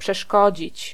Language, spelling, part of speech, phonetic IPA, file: Polish, przeszkodzić, verb, [pʃɛˈʃkɔd͡ʑit͡ɕ], Pl-przeszkodzić.ogg